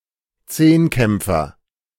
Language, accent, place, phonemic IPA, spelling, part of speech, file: German, Germany, Berlin, /ˈt͡seːnˌkɛmp͡fɐ/, Zehnkämpfer, noun, De-Zehnkämpfer.ogg
- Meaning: decathlete